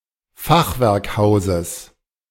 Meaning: genitive singular of Fachwerkhaus
- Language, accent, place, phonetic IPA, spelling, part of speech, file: German, Germany, Berlin, [ˈfaxvɛʁkˌhaʊ̯zəs], Fachwerkhauses, noun, De-Fachwerkhauses.ogg